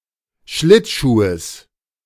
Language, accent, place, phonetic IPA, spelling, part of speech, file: German, Germany, Berlin, [ˈʃlɪtˌʃuːəs], Schlittschuhes, noun, De-Schlittschuhes.ogg
- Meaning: genitive singular of Schlittschuh